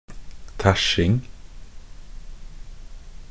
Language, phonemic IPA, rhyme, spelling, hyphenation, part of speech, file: Norwegian Bokmål, /ˈtæʃːɪŋ/, -ɪŋ, tæsjing, tæsj‧ing, noun, Nb-tæsjing.ogg
- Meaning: the act of stealing, cheating or tricking